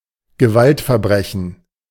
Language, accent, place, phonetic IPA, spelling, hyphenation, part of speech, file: German, Germany, Berlin, [ɡəˈvaltfɛɐ̯ˌbʁɛçn̩], Gewaltverbrechen, Ge‧walt‧ver‧bre‧chen, noun, De-Gewaltverbrechen.ogg
- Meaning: violent crime